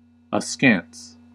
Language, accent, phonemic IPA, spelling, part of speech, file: English, US, /əˈskæns/, askance, adverb / adjective / verb, En-us-askance.ogg
- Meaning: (adverb) 1. Of a glance or look: with disapproval, skepticism, or suspicion 2. Obliquely, sideways; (adjective) Turned to the side, especially of the eyes